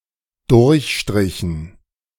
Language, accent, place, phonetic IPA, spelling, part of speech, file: German, Germany, Berlin, [ˈdʊʁçˌʃtʁɪçn̩], durchstrichen, verb, De-durchstrichen.ogg
- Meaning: inflection of durchstreichen: 1. first/third-person plural dependent preterite 2. first/third-person plural dependent subjunctive II